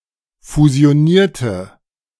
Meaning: inflection of fusionieren: 1. first/third-person singular preterite 2. first/third-person singular subjunctive II
- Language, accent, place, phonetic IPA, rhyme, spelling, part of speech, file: German, Germany, Berlin, [fuzi̯oˈniːɐ̯tə], -iːɐ̯tə, fusionierte, adjective / verb, De-fusionierte.ogg